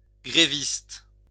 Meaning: striker, someone on strike
- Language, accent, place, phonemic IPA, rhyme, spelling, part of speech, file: French, France, Lyon, /ɡʁe.vist/, -ist, gréviste, noun, LL-Q150 (fra)-gréviste.wav